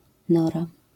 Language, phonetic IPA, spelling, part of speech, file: Polish, [ˈnɔra], nora, noun, LL-Q809 (pol)-nora.wav